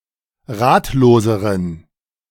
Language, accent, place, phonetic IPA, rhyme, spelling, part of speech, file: German, Germany, Berlin, [ˈʁaːtloːzəʁən], -aːtloːzəʁən, ratloseren, adjective, De-ratloseren.ogg
- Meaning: inflection of ratlos: 1. strong genitive masculine/neuter singular comparative degree 2. weak/mixed genitive/dative all-gender singular comparative degree